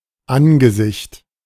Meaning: 1. face, visage, countenance 2. face, confrontation
- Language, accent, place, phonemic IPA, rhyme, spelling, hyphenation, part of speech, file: German, Germany, Berlin, /ˈanɡəˌzɪçt/, -ɪçt, Angesicht, An‧ge‧sicht, noun, De-Angesicht.ogg